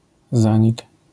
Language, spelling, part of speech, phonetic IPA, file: Polish, zanik, noun, [ˈzãɲik], LL-Q809 (pol)-zanik.wav